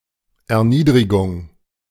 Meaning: 1. humiliation, abasement 2. degradation 3. lowering, depression 4. a flat note (abbreviated es for Erniedrigungs Zeichen)
- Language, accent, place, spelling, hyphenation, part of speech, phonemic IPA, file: German, Germany, Berlin, Erniedrigung, Er‧nied‧ri‧gung, noun, /ɛɐ̯ˈniːdʁɪɡʊŋ/, De-Erniedrigung.ogg